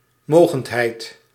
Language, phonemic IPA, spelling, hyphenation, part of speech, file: Dutch, /ˈmoː.ɣəntˌɦɛi̯t/, mogendheid, mo‧gend‧heid, noun, Nl-mogendheid.ogg
- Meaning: 1. power, powerhouse (polity that is regionally or internationally powerful in a given field) 2. power, might